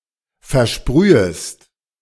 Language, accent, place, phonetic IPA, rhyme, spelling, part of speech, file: German, Germany, Berlin, [fɛɐ̯ˈʃpʁyːəst], -yːəst, versprühest, verb, De-versprühest.ogg
- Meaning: second-person singular subjunctive I of versprühen